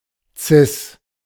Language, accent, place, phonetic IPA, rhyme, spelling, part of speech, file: German, Germany, Berlin, [t͡sɪs], -ɪs, Cis, noun, De-Cis.ogg
- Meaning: C-sharp